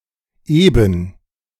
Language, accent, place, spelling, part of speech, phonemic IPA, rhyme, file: German, Germany, Berlin, eben, adjective / adverb / interjection, /eːbən/, -eːbən, De-eben.ogg
- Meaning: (adjective) flat, smooth, even (of a surface); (adverb) just, simply, indicating that something is generally known or cannot be changed, and is therefore to be accepted; often equivalent to a shrug